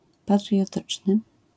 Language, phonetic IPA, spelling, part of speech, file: Polish, [ˌpatrʲjɔˈtɨt͡ʃnɨ], patriotyczny, adjective, LL-Q809 (pol)-patriotyczny.wav